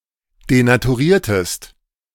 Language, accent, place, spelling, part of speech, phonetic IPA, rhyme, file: German, Germany, Berlin, denaturiertest, verb, [denatuˈʁiːɐ̯təst], -iːɐ̯təst, De-denaturiertest.ogg
- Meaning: inflection of denaturieren: 1. second-person singular preterite 2. second-person singular subjunctive II